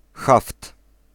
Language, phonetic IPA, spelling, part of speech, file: Polish, [xaft], haft, noun, Pl-haft.ogg